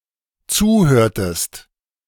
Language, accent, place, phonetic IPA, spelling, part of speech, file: German, Germany, Berlin, [ˈt͡suːˌhøːɐ̯təst], zuhörtest, verb, De-zuhörtest.ogg
- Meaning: inflection of zuhören: 1. second-person singular dependent preterite 2. second-person singular dependent subjunctive II